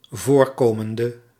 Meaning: inflection of voorkomend (“occurring”): 1. masculine/feminine singular attributive 2. definite neuter singular attributive 3. plural attributive
- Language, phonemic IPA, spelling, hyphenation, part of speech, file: Dutch, /ˈvoːrˌkoːməndə/, voorkomende, voor‧ko‧men‧de, verb, Nl-voorkomende.ogg